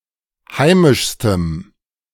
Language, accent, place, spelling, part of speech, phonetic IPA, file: German, Germany, Berlin, heimischstem, adjective, [ˈhaɪ̯mɪʃstəm], De-heimischstem.ogg
- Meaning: strong dative masculine/neuter singular superlative degree of heimisch